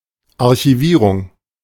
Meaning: 1. filing, storage 2. archiving
- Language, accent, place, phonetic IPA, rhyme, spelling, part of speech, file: German, Germany, Berlin, [aʁçiˈviːʁʊŋ], -iːʁʊŋ, Archivierung, noun, De-Archivierung.ogg